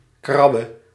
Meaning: singular present subjunctive of krabben
- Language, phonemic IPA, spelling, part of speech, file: Dutch, /ˈkrɑbə/, krabbe, noun / verb, Nl-krabbe.ogg